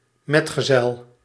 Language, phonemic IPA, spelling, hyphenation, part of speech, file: Dutch, /ˈmɛt.ɣəˌzɛl/, metgezel, met‧ge‧zel, noun, Nl-metgezel.ogg
- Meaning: companion